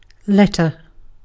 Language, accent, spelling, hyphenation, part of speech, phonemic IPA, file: English, Received Pronunciation, letter, let‧ter, noun / verb, /ˈlɛtə/, En-uk-letter.ogg
- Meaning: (noun) 1. A symbol in an alphabet 2. A written or printed communication, usually defined as longer and more formal than a note. (Sometimes specifically one that is on paper.)